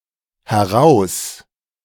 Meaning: A prefix, conveying a movement out of something (in direction towards the speaker)
- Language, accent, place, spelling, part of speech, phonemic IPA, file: German, Germany, Berlin, heraus-, prefix, /hɛˈʁaʊ̯s/, De-heraus-.ogg